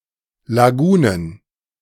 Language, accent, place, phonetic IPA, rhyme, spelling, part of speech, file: German, Germany, Berlin, [laˈɡuːnən], -uːnən, Lagunen, noun, De-Lagunen.ogg
- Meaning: plural of Lagune